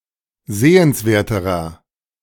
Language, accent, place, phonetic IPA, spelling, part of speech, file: German, Germany, Berlin, [ˈzeːənsˌveːɐ̯təʁɐ], sehenswerterer, adjective, De-sehenswerterer.ogg
- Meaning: inflection of sehenswert: 1. strong/mixed nominative masculine singular comparative degree 2. strong genitive/dative feminine singular comparative degree 3. strong genitive plural comparative degree